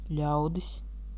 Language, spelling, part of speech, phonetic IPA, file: Latvian, ļaudis, noun, [ʎàwdis], Lv-ļaudis.ogg
- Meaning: 1. people (a number of human individuals) 2. people (individuals associated with an occupation, place, social status)